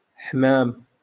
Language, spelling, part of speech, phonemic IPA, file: Moroccan Arabic, حمام, noun, /ħmaːm/, LL-Q56426 (ary)-حمام.wav
- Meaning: dove, pigeon